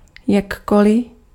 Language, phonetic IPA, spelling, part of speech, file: Czech, [ˈjakolɪ], jakkoli, adverb, Cs-jakkoli.ogg
- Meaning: 1. however 2. in any way